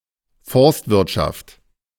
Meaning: forestry
- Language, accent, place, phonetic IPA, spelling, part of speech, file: German, Germany, Berlin, [ˈfɔʁstvɪʁtˌʃaft], Forstwirtschaft, noun, De-Forstwirtschaft.ogg